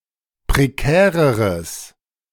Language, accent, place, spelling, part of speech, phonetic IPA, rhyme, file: German, Germany, Berlin, prekäreres, adjective, [pʁeˈkɛːʁəʁəs], -ɛːʁəʁəs, De-prekäreres.ogg
- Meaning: strong/mixed nominative/accusative neuter singular comparative degree of prekär